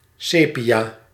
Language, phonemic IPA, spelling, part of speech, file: Dutch, /ˈsepiˌja/, sepia, noun, Nl-sepia.ogg
- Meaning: 1. cuttlefish 2. the color sepia 3. a style of yellowish/brownish-and-black photography